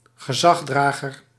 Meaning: an authority figure, someone who represents the authority (e.g. someone acting on behalf of government, like a policeman)
- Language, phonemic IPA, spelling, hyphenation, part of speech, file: Dutch, /ɣəˈzɑxsdraɣər/, gezagsdrager, ge‧zags‧dra‧ger, noun, Nl-gezagsdrager.ogg